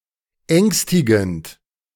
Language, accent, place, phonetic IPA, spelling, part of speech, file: German, Germany, Berlin, [ˈɛŋstɪɡn̩t], ängstigend, verb / adjective, De-ängstigend.ogg
- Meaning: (verb) present participle of ängstigen; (adjective) frightening